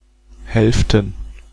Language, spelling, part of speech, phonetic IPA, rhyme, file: German, Hälften, noun, [ˈhɛlftn̩], -ɛlftn̩, De-Hälften.ogg
- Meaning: plural of Hälfte